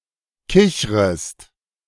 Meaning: second-person singular subjunctive I of kichern
- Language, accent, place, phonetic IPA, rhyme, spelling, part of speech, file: German, Germany, Berlin, [ˈkɪçʁəst], -ɪçʁəst, kichrest, verb, De-kichrest.ogg